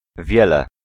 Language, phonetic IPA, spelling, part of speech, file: Polish, [ˈvʲjɛlɛ], wiele, pronoun / adverb, Pl-wiele.ogg